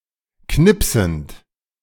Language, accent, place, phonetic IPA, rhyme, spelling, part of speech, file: German, Germany, Berlin, [ˈknɪpsn̩t], -ɪpsn̩t, knipsend, verb, De-knipsend.ogg
- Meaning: present participle of knipsen